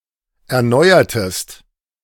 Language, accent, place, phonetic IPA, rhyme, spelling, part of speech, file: German, Germany, Berlin, [ɛɐ̯ˈnɔɪ̯ɐtəst], -ɔɪ̯ɐtəst, erneuertest, verb, De-erneuertest.ogg
- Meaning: inflection of erneuern: 1. second-person singular preterite 2. second-person singular subjunctive II